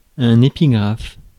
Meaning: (noun) 1. epigraph (inscription, literary quotation) 2. motto 3. epigraph; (adjective) epigraphic
- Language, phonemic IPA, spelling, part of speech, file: French, /e.pi.ɡʁaf/, épigraphe, noun / adjective, Fr-épigraphe.ogg